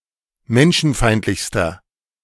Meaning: inflection of menschenfeindlich: 1. strong/mixed nominative masculine singular superlative degree 2. strong genitive/dative feminine singular superlative degree
- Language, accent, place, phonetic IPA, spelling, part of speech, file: German, Germany, Berlin, [ˈmɛnʃn̩ˌfaɪ̯ntlɪçstɐ], menschenfeindlichster, adjective, De-menschenfeindlichster.ogg